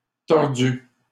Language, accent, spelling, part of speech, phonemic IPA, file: French, Canada, tordu, adjective / verb, /tɔʁ.dy/, LL-Q150 (fra)-tordu.wav
- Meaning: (adjective) 1. crooked, twisted 2. twisted, evil, underhand; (verb) past participle of tordre